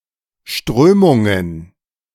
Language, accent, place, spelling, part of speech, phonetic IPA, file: German, Germany, Berlin, Strömungen, noun, [ˈʃtʁøːmʊŋən], De-Strömungen.ogg
- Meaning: plural of Strömung